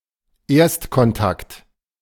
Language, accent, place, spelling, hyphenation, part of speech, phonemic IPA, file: German, Germany, Berlin, Erstkontakt, Erst‧kon‧takt, noun, /ˈeːɐ̯stkɔnˌtakt/, De-Erstkontakt.ogg
- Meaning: first contact